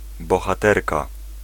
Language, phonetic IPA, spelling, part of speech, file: Polish, [ˌbɔxaˈtɛrka], bohaterka, noun, Pl-bohaterka.ogg